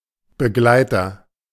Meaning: 1. companion 2. escort 3. accompanist 4. article
- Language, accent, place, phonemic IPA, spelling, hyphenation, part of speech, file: German, Germany, Berlin, /bəˈɡlaɪ̯tɐ/, Begleiter, Be‧glei‧ter, noun, De-Begleiter.ogg